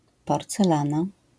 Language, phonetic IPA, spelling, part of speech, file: Polish, [ˌpɔrt͡sɛˈlãna], porcelana, noun, LL-Q809 (pol)-porcelana.wav